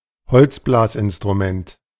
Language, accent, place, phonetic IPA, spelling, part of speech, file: German, Germany, Berlin, [ˈhɔlt͡sˌblaːsʔɪnstʁuˌmɛnt], Holzblasinstrument, noun, De-Holzblasinstrument.ogg
- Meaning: woodwind instrument